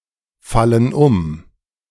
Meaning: inflection of umfallen: 1. first/third-person plural present 2. first/third-person plural subjunctive I
- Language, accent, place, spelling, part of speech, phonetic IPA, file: German, Germany, Berlin, fallen um, verb, [ˌfalən ˈʊm], De-fallen um.ogg